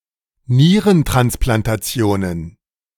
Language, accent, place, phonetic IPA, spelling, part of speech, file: German, Germany, Berlin, [ˈniːʁəntʁansplantaˌt͡si̯oːnən], Nierentransplantationen, noun, De-Nierentransplantationen.ogg
- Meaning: plural of Nierentransplantation